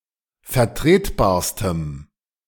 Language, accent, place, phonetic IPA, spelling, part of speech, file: German, Germany, Berlin, [fɛɐ̯ˈtʁeːtˌbaːɐ̯stəm], vertretbarstem, adjective, De-vertretbarstem.ogg
- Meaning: strong dative masculine/neuter singular superlative degree of vertretbar